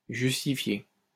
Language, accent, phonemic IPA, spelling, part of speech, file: French, France, /ʒys.ti.fje/, justifier, verb, LL-Q150 (fra)-justifier.wav
- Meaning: to justify